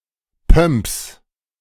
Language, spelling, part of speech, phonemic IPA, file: German, Pumps, noun, /pœm(p)s/, De-Pumps.ogg
- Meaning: pump, court shoe (relatively high-heeled women’s shoe which leaves the instep uncovered)